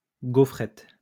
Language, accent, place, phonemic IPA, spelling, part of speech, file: French, France, Lyon, /ɡo.fʁɛt/, gaufrette, noun, LL-Q150 (fra)-gaufrette.wav
- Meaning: wafer